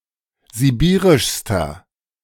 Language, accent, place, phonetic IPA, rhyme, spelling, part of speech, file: German, Germany, Berlin, [ziˈbiːʁɪʃstɐ], -iːʁɪʃstɐ, sibirischster, adjective, De-sibirischster.ogg
- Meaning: inflection of sibirisch: 1. strong/mixed nominative masculine singular superlative degree 2. strong genitive/dative feminine singular superlative degree 3. strong genitive plural superlative degree